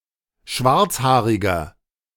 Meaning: 1. comparative degree of schwarzhaarig 2. inflection of schwarzhaarig: strong/mixed nominative masculine singular 3. inflection of schwarzhaarig: strong genitive/dative feminine singular
- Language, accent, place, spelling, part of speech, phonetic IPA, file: German, Germany, Berlin, schwarzhaariger, adjective, [ˈʃvaʁt͡sˌhaːʁɪɡɐ], De-schwarzhaariger.ogg